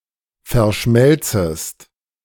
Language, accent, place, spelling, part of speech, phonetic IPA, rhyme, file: German, Germany, Berlin, verschmelzest, verb, [fɛɐ̯ˈʃmɛlt͡səst], -ɛlt͡səst, De-verschmelzest.ogg
- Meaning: second-person singular subjunctive I of verschmelzen